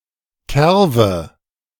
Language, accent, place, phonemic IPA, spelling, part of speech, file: German, Germany, Berlin, /ˈkɛʁvə/, Kerwe, noun, De-Kerwe.ogg
- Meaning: synonym of Kirchweih